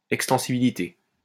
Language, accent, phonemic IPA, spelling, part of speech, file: French, France, /ɛk.stɑ̃.si.bi.li.te/, extensibilité, noun, LL-Q150 (fra)-extensibilité.wav
- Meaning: scalability (computing: ability to support the required quality of service as the system load increases)